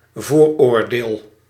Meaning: preconception, prejudice
- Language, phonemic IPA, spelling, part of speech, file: Dutch, /ˈvoːrˌoːrdeːl/, vooroordeel, noun, Nl-vooroordeel.ogg